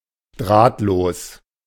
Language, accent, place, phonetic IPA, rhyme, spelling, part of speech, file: German, Germany, Berlin, [ˈdʁaːtloːs], -aːtloːs, drahtlos, adjective, De-drahtlos.ogg
- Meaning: wireless